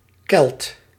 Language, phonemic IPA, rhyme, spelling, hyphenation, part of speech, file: Dutch, /kɛlt/, -ɛlt, Kelt, Kelt, noun, Nl-Kelt.ogg
- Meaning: Celt, person of Celtic origin, (historical) member of a Celtic tribe